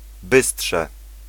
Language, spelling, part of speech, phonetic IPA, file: Polish, bystrze, noun, [ˈbɨsṭʃɛ], Pl-bystrze.ogg